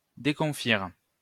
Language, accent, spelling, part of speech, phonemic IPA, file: French, France, déconfire, verb, /de.kɔ̃.fiʁ/, LL-Q150 (fra)-déconfire.wav
- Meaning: 1. to destroy, annihilate 2. to discombobulate